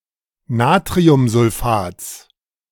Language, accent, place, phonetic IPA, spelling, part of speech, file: German, Germany, Berlin, [ˈnaːtʁiʊmzʊlˌfaːt͡s], Natriumsulfats, noun, De-Natriumsulfats.ogg
- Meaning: genitive singular of Natriumsulfat